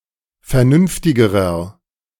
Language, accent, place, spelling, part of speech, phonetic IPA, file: German, Germany, Berlin, vernünftigerer, adjective, [fɛɐ̯ˈnʏnftɪɡəʁɐ], De-vernünftigerer.ogg
- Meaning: inflection of vernünftig: 1. strong/mixed nominative masculine singular comparative degree 2. strong genitive/dative feminine singular comparative degree 3. strong genitive plural comparative degree